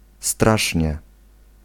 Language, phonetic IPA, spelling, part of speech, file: Polish, [ˈstraʃʲɲɛ], strasznie, adverb, Pl-strasznie.ogg